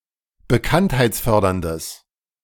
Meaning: strong/mixed nominative/accusative neuter singular of bekanntheitsfördernd
- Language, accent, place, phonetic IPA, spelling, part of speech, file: German, Germany, Berlin, [bəˈkanthaɪ̯t͡sˌfœʁdɐndəs], bekanntheitsförderndes, adjective, De-bekanntheitsförderndes.ogg